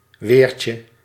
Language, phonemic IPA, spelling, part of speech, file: Dutch, /ˈwercə/, weertje, noun, Nl-weertje.ogg
- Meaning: diminutive of weer